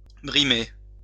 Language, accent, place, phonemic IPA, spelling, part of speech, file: French, France, Lyon, /bʁi.me/, brimer, verb, LL-Q150 (fra)-brimer.wav
- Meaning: to bully; to mistreat